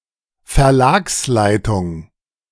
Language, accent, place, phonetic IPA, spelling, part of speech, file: German, Germany, Berlin, [fɛɐ̯ˈlaːksˌlaɪ̯tʊŋ], Verlagsleitung, noun, De-Verlagsleitung.ogg
- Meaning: management of a publishing house